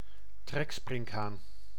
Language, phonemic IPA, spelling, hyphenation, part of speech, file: Dutch, /ˈtrɛksprɪŋkhan/, treksprinkhaan, trek‧sprink‧haan, noun, Nl-treksprinkhaan.ogg
- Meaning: locust